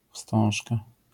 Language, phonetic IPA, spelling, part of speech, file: Polish, [ˈfstɔ̃w̃ʃka], wstążka, noun, LL-Q809 (pol)-wstążka.wav